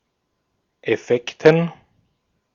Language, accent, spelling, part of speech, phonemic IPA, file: German, Austria, Effekten, noun, /ɛˈfɛktən/, De-at-Effekten.ogg
- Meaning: 1. personal effects, belongings that one carries with one (on one’s person or as luggage) 2. belongings, movable property, goods and chattels 3. synonym of Wertpapiere (“securities, stocks, bonds”)